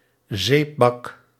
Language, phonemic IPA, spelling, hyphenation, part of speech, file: Dutch, /ˈzeːp.bɑk/, zeepbak, zeep‧bak, noun, Nl-zeepbak.ogg
- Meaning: soap dish